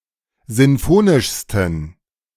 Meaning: 1. superlative degree of sinfonisch 2. inflection of sinfonisch: strong genitive masculine/neuter singular superlative degree
- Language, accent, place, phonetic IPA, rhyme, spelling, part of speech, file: German, Germany, Berlin, [ˌzɪnˈfoːnɪʃstn̩], -oːnɪʃstn̩, sinfonischsten, adjective, De-sinfonischsten.ogg